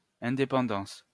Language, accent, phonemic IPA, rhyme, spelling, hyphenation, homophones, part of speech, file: French, France, /ɛ̃.de.pɑ̃.dɑ̃s/, -ɑ̃s, indépendance, in‧dé‧pen‧dance, indépendances, noun, LL-Q150 (fra)-indépendance.wav
- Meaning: independence